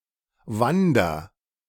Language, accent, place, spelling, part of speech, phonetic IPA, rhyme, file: German, Germany, Berlin, wander, verb, [ˈvandɐ], -andɐ, De-wander.ogg
- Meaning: inflection of wandern: 1. first-person singular present 2. singular imperative